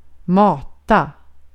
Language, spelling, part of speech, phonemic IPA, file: Swedish, mata, verb, /²mɑːta/, Sv-mata.ogg
- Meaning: 1. to feed (give food to, usually of an animal or of actively feeding someone, like a small child) 2. to feed (with something other than food) 3. to feed; to enter